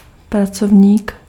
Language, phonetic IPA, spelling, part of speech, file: Czech, [ˈprat͡sovɲiːk], pracovník, noun, Cs-pracovník.ogg
- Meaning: male worker